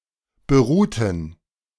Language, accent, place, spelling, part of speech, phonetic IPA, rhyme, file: German, Germany, Berlin, beruhten, verb, [bəˈʁuːtn̩], -uːtn̩, De-beruhten.ogg
- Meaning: inflection of beruht: 1. strong genitive masculine/neuter singular 2. weak/mixed genitive/dative all-gender singular 3. strong/weak/mixed accusative masculine singular 4. strong dative plural